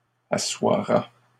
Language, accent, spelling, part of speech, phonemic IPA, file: French, Canada, assoira, verb, /a.swa.ʁa/, LL-Q150 (fra)-assoira.wav
- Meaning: third-person singular future of asseoir